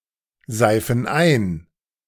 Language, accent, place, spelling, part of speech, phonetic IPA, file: German, Germany, Berlin, seifen ein, verb, [ˌzaɪ̯fn̩ ˈaɪ̯n], De-seifen ein.ogg
- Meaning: inflection of einseifen: 1. first/third-person plural present 2. first/third-person plural subjunctive I